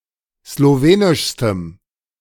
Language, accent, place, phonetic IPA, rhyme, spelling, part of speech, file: German, Germany, Berlin, [sloˈveːnɪʃstəm], -eːnɪʃstəm, slowenischstem, adjective, De-slowenischstem.ogg
- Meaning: strong dative masculine/neuter singular superlative degree of slowenisch